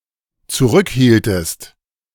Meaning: inflection of zurückhalten: 1. second-person singular dependent preterite 2. second-person singular dependent subjunctive II
- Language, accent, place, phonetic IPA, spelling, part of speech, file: German, Germany, Berlin, [t͡suˈʁʏkˌhiːltəst], zurückhieltest, verb, De-zurückhieltest.ogg